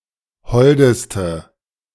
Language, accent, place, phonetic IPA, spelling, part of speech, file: German, Germany, Berlin, [ˈhɔldəstə], holdeste, adjective, De-holdeste.ogg
- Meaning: inflection of hold: 1. strong/mixed nominative/accusative feminine singular superlative degree 2. strong nominative/accusative plural superlative degree